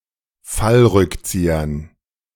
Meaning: dative plural of Fallrückzieher
- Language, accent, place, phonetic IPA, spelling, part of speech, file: German, Germany, Berlin, [ˈfalˌʁʏkt͡siːɐn], Fallrückziehern, noun, De-Fallrückziehern.ogg